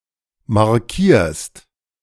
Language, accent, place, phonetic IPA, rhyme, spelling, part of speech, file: German, Germany, Berlin, [maʁˈkiːɐ̯st], -iːɐ̯st, markierst, verb, De-markierst.ogg
- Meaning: second-person singular present of markieren